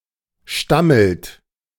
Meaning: inflection of stammeln: 1. third-person singular present 2. second-person plural present 3. plural imperative
- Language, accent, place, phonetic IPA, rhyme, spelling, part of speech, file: German, Germany, Berlin, [ˈʃtaml̩t], -aml̩t, stammelt, verb, De-stammelt.ogg